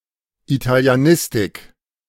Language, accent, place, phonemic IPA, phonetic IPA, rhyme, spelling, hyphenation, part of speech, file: German, Germany, Berlin, /italiaˈnɪstɪk/, [ʔitʰaliaˈnɪstɪkʰ], -ɪstɪk, Italianistik, Ita‧li‧a‧nis‧tik, noun, De-Italianistik.ogg
- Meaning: Italian studies (academic study of Italian language and literature)